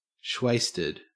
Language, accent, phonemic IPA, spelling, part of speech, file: English, Australia, /ˈʃweɪ.stəd/, shwasted, adjective, En-au-shwasted.ogg
- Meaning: Extremely intoxicated